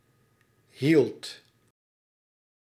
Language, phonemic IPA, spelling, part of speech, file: Dutch, /ɦiɫt/, hield, verb, Nl-hield.ogg
- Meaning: singular past indicative of houden